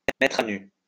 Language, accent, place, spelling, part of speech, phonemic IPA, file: French, France, Lyon, mettre à nu, verb, /mɛ.tʁ‿a ny/, LL-Q150 (fra)-mettre à nu.wav
- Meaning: 1. to strip naked 2. to lay bare